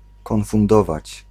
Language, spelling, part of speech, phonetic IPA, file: Polish, konfundować, verb, [ˌkɔ̃nfũnˈdɔvat͡ɕ], Pl-konfundować.ogg